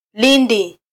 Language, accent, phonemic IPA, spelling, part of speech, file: Swahili, Kenya, /ˈli.ⁿdi/, lindi, noun, Sw-ke-lindi.flac
- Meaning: a hole or pit, a drain